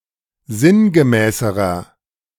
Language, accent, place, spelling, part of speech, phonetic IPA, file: German, Germany, Berlin, sinngemäßerer, adjective, [ˈzɪnɡəˌmɛːsəʁɐ], De-sinngemäßerer.ogg
- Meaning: inflection of sinngemäß: 1. strong/mixed nominative masculine singular comparative degree 2. strong genitive/dative feminine singular comparative degree 3. strong genitive plural comparative degree